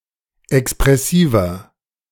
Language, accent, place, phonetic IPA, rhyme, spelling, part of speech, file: German, Germany, Berlin, [ɛkspʁɛˈsiːvɐ], -iːvɐ, expressiver, adjective, De-expressiver.ogg
- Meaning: 1. comparative degree of expressiv 2. inflection of expressiv: strong/mixed nominative masculine singular 3. inflection of expressiv: strong genitive/dative feminine singular